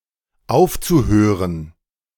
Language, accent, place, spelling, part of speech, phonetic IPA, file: German, Germany, Berlin, aufzuhören, verb, [ˈaʊ̯ft͡suˌhøːʁən], De-aufzuhören.ogg
- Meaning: zu-infinitive of aufhören